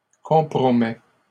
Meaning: inflection of compromettre: 1. first/second-person singular present indicative 2. second-person singular imperative
- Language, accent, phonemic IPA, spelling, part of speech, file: French, Canada, /kɔ̃.pʁɔ.mɛ/, compromets, verb, LL-Q150 (fra)-compromets.wav